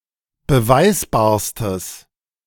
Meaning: strong/mixed nominative/accusative neuter singular superlative degree of beweisbar
- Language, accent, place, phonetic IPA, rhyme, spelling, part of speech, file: German, Germany, Berlin, [bəˈvaɪ̯sbaːɐ̯stəs], -aɪ̯sbaːɐ̯stəs, beweisbarstes, adjective, De-beweisbarstes.ogg